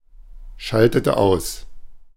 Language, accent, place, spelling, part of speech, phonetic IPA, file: German, Germany, Berlin, schaltete aus, verb, [ˌʃaltətə ˈaʊ̯s], De-schaltete aus.ogg
- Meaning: inflection of ausschalten: 1. first/third-person singular preterite 2. first/third-person singular subjunctive II